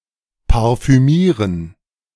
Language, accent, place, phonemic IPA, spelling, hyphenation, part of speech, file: German, Germany, Berlin, /paʁfyˈmiːʁən/, parfümieren, par‧fü‧mie‧ren, verb, De-parfümieren.ogg
- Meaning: to perfume